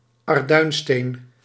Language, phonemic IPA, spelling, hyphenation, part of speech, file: Dutch, /ɑrˈdœy̯nˌsteːn/, arduinsteen, ar‧duin‧steen, noun, Nl-arduinsteen.ogg
- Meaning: 1. a type of bluish grey limestone; bluestone (substance) 2. a piece of this bluish grey limestone; bluestone piece (countable amount)